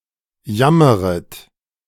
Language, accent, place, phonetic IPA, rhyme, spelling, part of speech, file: German, Germany, Berlin, [ˈjaməʁət], -aməʁət, jammeret, verb, De-jammeret.ogg
- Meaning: second-person plural subjunctive I of jammern